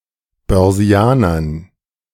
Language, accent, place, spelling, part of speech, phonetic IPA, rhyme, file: German, Germany, Berlin, Börsianern, noun, [bœʁˈzi̯aːnɐn], -aːnɐn, De-Börsianern.ogg
- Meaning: dative plural of Börsianer